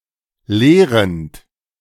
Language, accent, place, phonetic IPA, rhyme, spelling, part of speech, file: German, Germany, Berlin, [ˈleːʁənt], -eːʁənt, leerend, verb, De-leerend.ogg
- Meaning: present participle of leeren